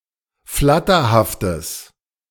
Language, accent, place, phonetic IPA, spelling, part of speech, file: German, Germany, Berlin, [ˈflatɐhaftəs], flatterhaftes, adjective, De-flatterhaftes.ogg
- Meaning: strong/mixed nominative/accusative neuter singular of flatterhaft